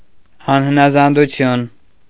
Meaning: disobedience, insubordination
- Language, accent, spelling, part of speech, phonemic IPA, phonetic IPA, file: Armenian, Eastern Armenian, անհնազանդություն, noun, /ɑnhənɑzɑnduˈtʰjun/, [ɑnhənɑzɑndut͡sʰjún], Hy-անհնազանդություն .ogg